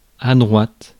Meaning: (adjective) feminine singular of droit; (noun) 1. straight line 2. the right, right wing 3. right, right-hand side 4. right-handed punch
- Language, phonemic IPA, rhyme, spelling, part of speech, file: French, /dʁwat/, -at, droite, adjective / noun, Fr-droite.ogg